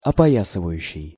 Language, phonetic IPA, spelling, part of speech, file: Russian, [ɐpɐˈjasɨvəjʉɕːɪj], опоясывающий, verb, Ru-опоясывающий.ogg
- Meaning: present active imperfective participle of опоя́сывать (opojásyvatʹ)